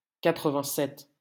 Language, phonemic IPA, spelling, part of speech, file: French, /ka.tʁə.vɛ̃.sɛt/, quatre-vingt-sept, numeral, LL-Q150 (fra)-quatre-vingt-sept.wav
- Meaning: eighty-seven